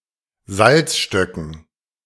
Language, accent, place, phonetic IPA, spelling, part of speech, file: German, Germany, Berlin, [ˈzalt͡sʃtœkn̩], Salzstöcken, noun, De-Salzstöcken.ogg
- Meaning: dative plural of Salzstock